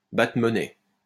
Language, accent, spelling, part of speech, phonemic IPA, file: French, France, battre monnaie, verb, /ba.tʁə mɔ.nɛ/, LL-Q150 (fra)-battre monnaie.wav
- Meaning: to mint coins, to coin, to issue money, to issue currency